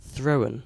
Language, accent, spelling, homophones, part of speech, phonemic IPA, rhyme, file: English, UK, thrown, throne, verb / adjective, /θɹəʊn/, -əʊn, En-uk-thrown.ogg
- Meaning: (verb) past participle of throw; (adjective) 1. Launched by throwing 2. Twisted into a single thread, as silk or yarn 3. Confused; perplexed